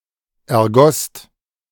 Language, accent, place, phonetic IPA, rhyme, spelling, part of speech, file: German, Germany, Berlin, [ɛɐ̯ˈɡɔst], -ɔst, ergosst, verb, De-ergosst.ogg
- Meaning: second-person singular/plural preterite of ergießen